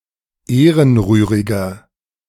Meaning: 1. comparative degree of ehrenrührig 2. inflection of ehrenrührig: strong/mixed nominative masculine singular 3. inflection of ehrenrührig: strong genitive/dative feminine singular
- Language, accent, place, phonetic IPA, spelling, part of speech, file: German, Germany, Berlin, [ˈeːʁənˌʁyːʁɪɡɐ], ehrenrühriger, adjective, De-ehrenrühriger.ogg